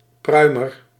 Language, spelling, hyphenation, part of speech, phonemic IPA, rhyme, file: Dutch, pruimer, prui‧mer, noun, /ˈprœy̯.mər/, -œy̯mər, Nl-pruimer.ogg
- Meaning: one who chews tobacco